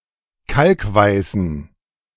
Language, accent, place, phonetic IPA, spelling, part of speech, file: German, Germany, Berlin, [ˈkalkˌvaɪ̯sn̩], kalkweißen, adjective, De-kalkweißen.ogg
- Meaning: inflection of kalkweiß: 1. strong genitive masculine/neuter singular 2. weak/mixed genitive/dative all-gender singular 3. strong/weak/mixed accusative masculine singular 4. strong dative plural